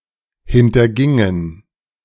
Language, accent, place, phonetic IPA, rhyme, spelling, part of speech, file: German, Germany, Berlin, [ˌhɪntɐˈɡɪŋən], -ɪŋən, hintergingen, verb, De-hintergingen.ogg
- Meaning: inflection of hintergehen: 1. first/third-person plural preterite 2. first/third-person plural subjunctive II